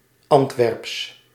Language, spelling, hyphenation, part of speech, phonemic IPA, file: Dutch, Antwerps, Ant‧werps, proper noun, /ˈɑnt.ʋɛrps/, Nl-Antwerps.ogg
- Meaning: local variant of Brabantian spoken in and near the city of Antwerp